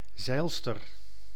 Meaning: yachtswoman
- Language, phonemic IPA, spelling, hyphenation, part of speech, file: Dutch, /ˈzɛi̯l.stər/, zeilster, zeil‧ster, noun, Nl-zeilster.ogg